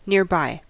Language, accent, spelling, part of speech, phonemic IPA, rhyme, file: English, US, nearby, adjective / adverb / noun, /ˌnɪə(ɹ)ˈbaɪ/, -aɪ, En-us-nearby.ogg
- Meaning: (adjective) Adjacent, near, close by; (adverb) Next to, close to; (noun) A futures contract, of a particular group, whose settlement date is the earliest